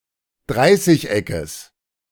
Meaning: genitive singular of Dreißigeck
- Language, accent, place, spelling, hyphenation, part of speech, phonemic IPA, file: German, Germany, Berlin, Dreißigeckes, Drei‧ßig‧eckes, noun, /ˈdʁaɪ̯sɪç.ɛkəs/, De-Dreißigeckes.ogg